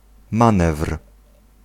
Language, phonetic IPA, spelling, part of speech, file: Polish, [ˈmãnɛfr̥], manewr, noun, Pl-manewr.ogg